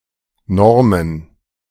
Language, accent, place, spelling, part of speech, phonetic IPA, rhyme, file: German, Germany, Berlin, Normen, noun, [ˈnɔʁmən], -ɔʁmən, De-Normen.ogg
- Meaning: plural of Norm